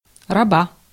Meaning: 1. female equivalent of раб (rab): female slave 2. genitive/accusative singular of раб (rab)
- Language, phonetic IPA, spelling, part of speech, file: Russian, [rɐˈba], раба, noun, Ru-раба.ogg